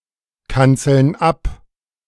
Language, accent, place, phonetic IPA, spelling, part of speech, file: German, Germany, Berlin, [ˌkant͡sl̩n ˈap], kanzeln ab, verb, De-kanzeln ab.ogg
- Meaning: inflection of abkanzeln: 1. first/third-person plural present 2. first/third-person plural subjunctive I